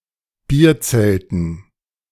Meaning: dative plural of Bierzelt
- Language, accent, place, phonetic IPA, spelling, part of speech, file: German, Germany, Berlin, [ˈbiːɐ̯ˌt͡sɛltn̩], Bierzelten, noun, De-Bierzelten.ogg